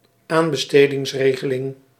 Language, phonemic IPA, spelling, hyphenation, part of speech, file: Dutch, /ˈaːn.bə.steː.dɪŋsˌreː.ɣə.lɪŋ/, aanbestedingsregeling, aan‧be‧ste‧dings‧re‧ge‧ling, noun, Nl-aanbestedingsregeling.ogg
- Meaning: tendering system, procurement regime